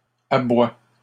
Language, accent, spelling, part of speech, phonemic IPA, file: French, Canada, aboie, verb, /a.bwa/, LL-Q150 (fra)-aboie.wav
- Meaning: inflection of aboyer: 1. first/third-person singular present indicative/subjunctive 2. second-person singular imperative